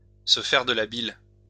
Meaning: to tie oneself in knots, to worry oneself sick
- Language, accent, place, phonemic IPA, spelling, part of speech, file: French, France, Lyon, /sə fɛʁ də la bil/, se faire de la bile, verb, LL-Q150 (fra)-se faire de la bile.wav